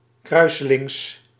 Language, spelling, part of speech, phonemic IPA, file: Dutch, kruiselings, adjective, /ˈkrœysəˌlɪŋs/, Nl-kruiselings.ogg
- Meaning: crosswise